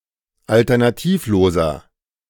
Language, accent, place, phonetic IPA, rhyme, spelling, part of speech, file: German, Germany, Berlin, [ˌaltɐnaˈtiːfˌloːzɐ], -iːfloːzɐ, alternativloser, adjective, De-alternativloser.ogg
- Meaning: inflection of alternativlos: 1. strong/mixed nominative masculine singular 2. strong genitive/dative feminine singular 3. strong genitive plural